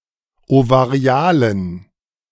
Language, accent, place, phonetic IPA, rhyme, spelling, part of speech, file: German, Germany, Berlin, [ovaˈʁi̯aːlən], -aːlən, ovarialen, adjective, De-ovarialen.ogg
- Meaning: inflection of ovarial: 1. strong genitive masculine/neuter singular 2. weak/mixed genitive/dative all-gender singular 3. strong/weak/mixed accusative masculine singular 4. strong dative plural